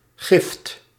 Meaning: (noun) 1. donation; something given (away) voluntarily 2. poison; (adjective) poisonous, toxic, venomous
- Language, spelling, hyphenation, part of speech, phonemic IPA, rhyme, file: Dutch, gift, gift, noun / adjective, /ɣɪft/, -ɪft, Nl-gift.ogg